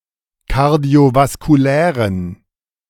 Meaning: inflection of kardiovaskulär: 1. strong genitive masculine/neuter singular 2. weak/mixed genitive/dative all-gender singular 3. strong/weak/mixed accusative masculine singular 4. strong dative plural
- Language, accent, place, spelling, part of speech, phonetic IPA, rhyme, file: German, Germany, Berlin, kardiovaskulären, adjective, [kaʁdi̯ovaskuˈlɛːʁən], -ɛːʁən, De-kardiovaskulären.ogg